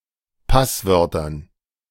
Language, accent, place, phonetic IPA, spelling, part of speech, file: German, Germany, Berlin, [ˈpasˌvœʁtɐn], Passwörtern, noun, De-Passwörtern.ogg
- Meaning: dative plural of Passwort